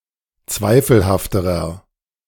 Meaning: inflection of zweifelhaft: 1. strong/mixed nominative masculine singular comparative degree 2. strong genitive/dative feminine singular comparative degree 3. strong genitive plural comparative degree
- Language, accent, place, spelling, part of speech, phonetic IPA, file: German, Germany, Berlin, zweifelhafterer, adjective, [ˈt͡svaɪ̯fl̩haftəʁɐ], De-zweifelhafterer.ogg